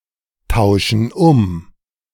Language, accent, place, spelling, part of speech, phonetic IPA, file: German, Germany, Berlin, tauschen um, verb, [ˌtaʊ̯ʃn̩ ˈʊm], De-tauschen um.ogg
- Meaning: inflection of umtauschen: 1. first/third-person plural present 2. first/third-person plural subjunctive I